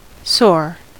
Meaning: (adjective) 1. Causing pain or discomfort; painfully sensitive 2. Sensitive; tender; easily pained, grieved, or vexed; very susceptible of irritation 3. Dire; distressing
- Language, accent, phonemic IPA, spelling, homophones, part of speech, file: English, US, /soɹ/, sore, soar, adjective / adverb / noun / verb, En-us-sore.ogg